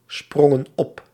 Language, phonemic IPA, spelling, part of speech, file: Dutch, /ˈsprɔŋə(n) ˈɔp/, sprongen op, verb, Nl-sprongen op.ogg
- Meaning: inflection of opspringen: 1. plural past indicative 2. plural past subjunctive